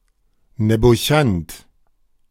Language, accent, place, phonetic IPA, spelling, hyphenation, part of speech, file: German, Germany, Berlin, [nɛboˈçant], Nebochant, Ne‧bo‧chant, noun, De-Nebochant.ogg
- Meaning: a person who is willing but inept, incompetent (to do, execute a job, task etc.) and therefore considered useless and good for nothing